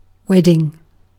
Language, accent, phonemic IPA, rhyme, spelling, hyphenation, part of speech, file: English, UK, /ˈwɛdɪŋ/, -ɛdɪŋ, wedding, wed‧ding, noun / verb, En-uk-wedding.ogg
- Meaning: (noun) 1. A marriage ceremony; a ritual officially celebrating the beginning of a marriage 2. The joining of two or more parts; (verb) present participle and gerund of wed